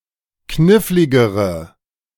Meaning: inflection of knifflig: 1. strong/mixed nominative/accusative feminine singular comparative degree 2. strong nominative/accusative plural comparative degree
- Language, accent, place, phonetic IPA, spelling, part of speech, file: German, Germany, Berlin, [ˈknɪflɪɡəʁə], kniffligere, adjective, De-kniffligere.ogg